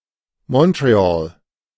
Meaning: Montreal (an island on which is situated the largest city in Quebec, Canada)
- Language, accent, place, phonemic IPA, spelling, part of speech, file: German, Germany, Berlin, /mɔntʁeˈaːl/, Montréal, proper noun, De-Montréal.ogg